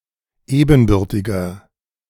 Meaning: inflection of ebenbürtig: 1. strong/mixed nominative masculine singular 2. strong genitive/dative feminine singular 3. strong genitive plural
- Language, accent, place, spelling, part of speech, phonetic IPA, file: German, Germany, Berlin, ebenbürtiger, adjective, [ˈeːbn̩ˌbʏʁtɪɡɐ], De-ebenbürtiger.ogg